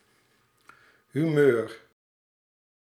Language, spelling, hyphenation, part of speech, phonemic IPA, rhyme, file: Dutch, humeur, hu‧meur, noun, /ɦyˈmøːr/, -øːr, Nl-humeur.ogg
- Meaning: mood, mental state